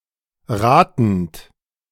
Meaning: present participle of raten
- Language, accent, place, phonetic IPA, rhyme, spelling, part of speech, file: German, Germany, Berlin, [ˈʁaːtn̩t], -aːtn̩t, ratend, verb, De-ratend.ogg